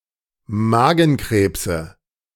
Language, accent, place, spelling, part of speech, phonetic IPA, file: German, Germany, Berlin, Magenkrebse, noun, [ˈmaːɡn̩ˌkʁeːpsə], De-Magenkrebse.ogg
- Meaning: nominative/accusative/genitive plural of Magenkrebs